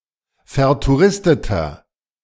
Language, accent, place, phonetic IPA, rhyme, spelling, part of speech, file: German, Germany, Berlin, [fɛɐ̯tuˈʁɪstətɐ], -ɪstətɐ, vertouristeter, adjective, De-vertouristeter.ogg
- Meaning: 1. comparative degree of vertouristet 2. inflection of vertouristet: strong/mixed nominative masculine singular 3. inflection of vertouristet: strong genitive/dative feminine singular